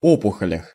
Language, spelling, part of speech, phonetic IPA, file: Russian, опухолях, noun, [ˈopʊxəlʲəx], Ru-опухолях.ogg
- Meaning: prepositional plural of о́пухоль (ópuxolʹ)